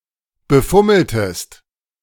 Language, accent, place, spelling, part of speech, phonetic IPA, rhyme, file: German, Germany, Berlin, befummeltest, verb, [bəˈfʊml̩təst], -ʊml̩təst, De-befummeltest.ogg
- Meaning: inflection of befummeln: 1. second-person singular preterite 2. second-person singular subjunctive II